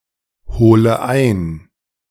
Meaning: inflection of einholen: 1. first-person singular present 2. first/third-person singular subjunctive I 3. singular imperative
- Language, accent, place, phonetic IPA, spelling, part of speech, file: German, Germany, Berlin, [ˌhoːlə ˈaɪ̯n], hole ein, verb, De-hole ein.ogg